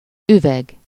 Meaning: 1. glass 2. bottle
- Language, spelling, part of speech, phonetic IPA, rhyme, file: Hungarian, üveg, noun, [ˈyvɛɡ], -ɛɡ, Hu-üveg.ogg